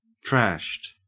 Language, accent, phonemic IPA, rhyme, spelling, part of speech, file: English, Australia, /tɹæʃt/, -æʃt, trashed, verb / adjective, En-au-trashed.ogg
- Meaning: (verb) simple past and past participle of trash; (adjective) drunk